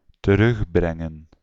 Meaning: 1. to bring back, return 2. to reduce
- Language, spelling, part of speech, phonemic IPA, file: Dutch, terugbrengen, verb, /təˈrʏxbrɛŋə(n)/, Nl-terugbrengen.ogg